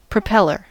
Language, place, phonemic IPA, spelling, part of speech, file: English, California, /pɹəˈpɛl.ɚ/, propeller, noun, En-us-propeller.ogg
- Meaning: 1. One who, or that which, propels 2. A mechanical device with evenly-shaped blades that turn on a shaft to push against air or water, especially one used to propel an aircraft or boat